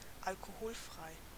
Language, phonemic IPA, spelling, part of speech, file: German, /alkoˈhoːlˌfʁaɪ̯/, alkoholfrei, adjective, De-alkoholfrei.ogg
- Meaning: nonalcoholic